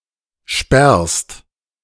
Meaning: second-person singular present of sperren
- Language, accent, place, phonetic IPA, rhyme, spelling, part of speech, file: German, Germany, Berlin, [ʃpɛʁst], -ɛʁst, sperrst, verb, De-sperrst.ogg